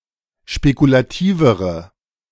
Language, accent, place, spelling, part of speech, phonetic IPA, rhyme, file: German, Germany, Berlin, spekulativere, adjective, [ʃpekulaˈtiːvəʁə], -iːvəʁə, De-spekulativere.ogg
- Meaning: inflection of spekulativ: 1. strong/mixed nominative/accusative feminine singular comparative degree 2. strong nominative/accusative plural comparative degree